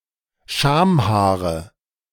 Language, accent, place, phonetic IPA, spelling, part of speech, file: German, Germany, Berlin, [ˈʃaːmˌhaːʁə], Schamhaare, noun, De-Schamhaare.ogg
- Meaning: nominative/accusative/genitive plural of Schamhaar